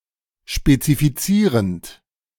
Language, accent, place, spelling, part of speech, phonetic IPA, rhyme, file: German, Germany, Berlin, spezifizierend, verb, [ʃpet͡sifiˈt͡siːʁənt], -iːʁənt, De-spezifizierend.ogg
- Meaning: present participle of spezifizieren